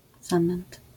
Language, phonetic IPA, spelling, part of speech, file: Polish, [ˈzãmɛ̃nt], zamęt, noun, LL-Q809 (pol)-zamęt.wav